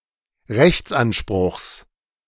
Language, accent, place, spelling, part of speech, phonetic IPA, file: German, Germany, Berlin, Rechtsanspruchs, noun, [ˈʁɛçt͡sʔanˌʃpʁʊxs], De-Rechtsanspruchs.ogg
- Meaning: genitive of Rechtsanspruch